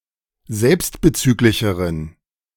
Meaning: inflection of selbstbezüglich: 1. strong genitive masculine/neuter singular comparative degree 2. weak/mixed genitive/dative all-gender singular comparative degree
- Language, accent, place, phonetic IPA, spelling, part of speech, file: German, Germany, Berlin, [ˈzɛlpstbəˌt͡syːklɪçəʁən], selbstbezüglicheren, adjective, De-selbstbezüglicheren.ogg